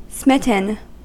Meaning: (adjective) 1. Affected by an act of smiting 2. Affected by an act of smiting.: Made irrationally enthusiastic 3. Affected by an act of smiting.: In love; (verb) past participle of smite
- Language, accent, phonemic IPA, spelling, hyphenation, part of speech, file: English, US, /ˈsmɪ.tn̩/, smitten, smit‧ten, adjective / verb, En-us-smitten.ogg